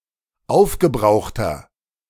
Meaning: inflection of aufgebraucht: 1. strong/mixed nominative masculine singular 2. strong genitive/dative feminine singular 3. strong genitive plural
- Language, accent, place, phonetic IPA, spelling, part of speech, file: German, Germany, Berlin, [ˈaʊ̯fɡəˌbʁaʊ̯xtɐ], aufgebrauchter, adjective, De-aufgebrauchter.ogg